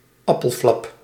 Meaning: apple turnover
- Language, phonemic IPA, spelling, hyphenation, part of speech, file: Dutch, /ˈɑpəlˌflɑp/, appelflap, ap‧pel‧flap, noun, Nl-appelflap.ogg